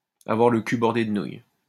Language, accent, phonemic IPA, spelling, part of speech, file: French, France, /a.vwaʁ lə ky bɔʁ.de d(ə) nuj/, avoir le cul bordé de nouilles, verb, LL-Q150 (fra)-avoir le cul bordé de nouilles.wav
- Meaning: to be extremely lucky